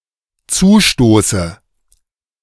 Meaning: inflection of zustoßen: 1. first-person singular dependent present 2. first/third-person singular dependent subjunctive I
- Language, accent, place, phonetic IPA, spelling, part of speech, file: German, Germany, Berlin, [ˈt͡suːˌʃtoːsə], zustoße, verb, De-zustoße.ogg